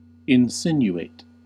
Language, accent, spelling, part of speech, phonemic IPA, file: English, US, insinuate, verb / adjective, /ɪnˈsɪnjueɪt/, En-us-insinuate.ogg
- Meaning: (verb) 1. To hint; to suggest tacitly (usually something bad) while avoiding a direct statement 2. To creep, wind, or flow into; to enter gently, slowly, or imperceptibly, as into crevices